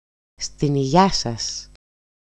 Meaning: to your health! cheers!
- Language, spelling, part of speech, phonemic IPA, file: Greek, στην υγειά σας, interjection, /stin‿iˈʝa‿sas/, EL-στην-υγειά-σας.ogg